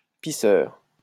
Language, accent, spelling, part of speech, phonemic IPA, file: French, France, pisseur, noun, /pi.sœʁ/, LL-Q150 (fra)-pisseur.wav
- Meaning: pisser (one who pisses)